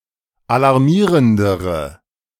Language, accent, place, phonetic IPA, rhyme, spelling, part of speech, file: German, Germany, Berlin, [alaʁˈmiːʁəndəʁə], -iːʁəndəʁə, alarmierendere, adjective, De-alarmierendere.ogg
- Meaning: inflection of alarmierend: 1. strong/mixed nominative/accusative feminine singular comparative degree 2. strong nominative/accusative plural comparative degree